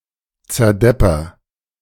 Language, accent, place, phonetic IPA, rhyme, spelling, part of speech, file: German, Germany, Berlin, [t͡sɛɐ̯ˈdɛpɐ], -ɛpɐ, zerdepper, verb, De-zerdepper.ogg
- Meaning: inflection of zerdeppern: 1. first-person singular present 2. singular imperative